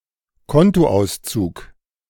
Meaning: bank statement
- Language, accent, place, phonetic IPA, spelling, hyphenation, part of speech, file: German, Germany, Berlin, [ˈkɔntoˌʔaʊ̯st͡suːk], Kontoauszug, Kon‧to‧aus‧zug, noun, De-Kontoauszug.ogg